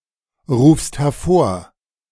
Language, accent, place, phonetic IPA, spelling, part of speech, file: German, Germany, Berlin, [ˌʁuːfst hɛɐ̯ˈfoːɐ̯], rufst hervor, verb, De-rufst hervor.ogg
- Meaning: second-person singular present of hervorrufen